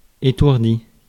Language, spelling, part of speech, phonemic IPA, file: French, étourdi, noun / verb / adjective, /e.tuʁ.di/, Fr-étourdi.ogg
- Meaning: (noun) scatterbrain, absent-minded individual; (verb) past participle of étourdir; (adjective) 1. stunned 2. dizzy, giddy 3. scatterbrained, distracted